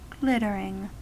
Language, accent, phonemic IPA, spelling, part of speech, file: English, US, /ˈɡlɪtəɹɪŋ/, glittering, verb / adjective / noun, En-us-glittering.ogg
- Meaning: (verb) present participle and gerund of glitter; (adjective) 1. Brightly sparkling 2. Valuable, desirable; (noun) The appearance of something that glitters